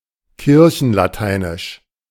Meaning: Church Latin
- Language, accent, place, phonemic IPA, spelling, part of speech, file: German, Germany, Berlin, /ˈkɪʁçn̩laˌtaɪ̯nɪʃ/, kirchenlateinisch, adjective, De-kirchenlateinisch.ogg